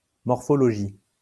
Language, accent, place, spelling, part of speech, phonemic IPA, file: French, France, Lyon, morphologie, noun, /mɔʁ.fɔ.lɔ.ʒi/, LL-Q150 (fra)-morphologie.wav
- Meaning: 1. morphology (science) 2. morphology (act of changing)